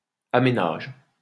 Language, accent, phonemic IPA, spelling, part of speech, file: French, France, /a.me.naʒ/, aménage, verb, LL-Q150 (fra)-aménage.wav
- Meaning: inflection of aménager: 1. first/third-person singular present indicative/subjunctive 2. second-person singular imperative